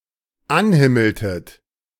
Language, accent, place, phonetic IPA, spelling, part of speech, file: German, Germany, Berlin, [ˈanˌhɪml̩tət], anhimmeltet, verb, De-anhimmeltet.ogg
- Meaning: inflection of anhimmeln: 1. second-person plural dependent preterite 2. second-person plural dependent subjunctive II